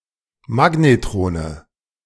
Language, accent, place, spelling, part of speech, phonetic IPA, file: German, Germany, Berlin, Magnetrone, noun, [ˈmaɡnetʁoːnə], De-Magnetrone.ogg
- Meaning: nominative/accusative/genitive plural of Magnetron